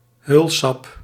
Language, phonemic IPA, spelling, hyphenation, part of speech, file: Dutch, /ˈɦøːl.sɑp/, heulsap, heul‧sap, noun, Nl-heulsap.ogg
- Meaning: opium, (dried) juice obtained from the opium poppy